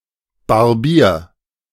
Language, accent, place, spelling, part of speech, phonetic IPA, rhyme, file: German, Germany, Berlin, barbier, verb, [baʁˈbiːɐ̯], -iːɐ̯, De-barbier.ogg
- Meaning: 1. imperative singular of barbieren 2. first-person singular present of barbieren